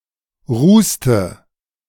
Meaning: inflection of rußen: 1. first/third-person singular preterite 2. first/third-person singular subjunctive II
- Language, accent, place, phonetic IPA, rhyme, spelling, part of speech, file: German, Germany, Berlin, [ˈʁuːstə], -uːstə, rußte, verb, De-rußte.ogg